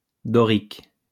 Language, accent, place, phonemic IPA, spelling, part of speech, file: French, France, Lyon, /dɔ.ʁik/, dorique, adjective, LL-Q150 (fra)-dorique.wav
- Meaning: 1. Dorian 2. Doric